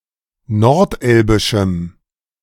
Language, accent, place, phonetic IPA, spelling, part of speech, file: German, Germany, Berlin, [nɔʁtˈʔɛlbɪʃm̩], nordelbischem, adjective, De-nordelbischem.ogg
- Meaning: strong dative masculine/neuter singular of nordelbisch